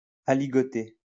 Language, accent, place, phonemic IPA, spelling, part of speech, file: French, France, Lyon, /a.li.ɡɔ.te/, aligoté, noun, LL-Q150 (fra)-aligoté.wav
- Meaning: aligoté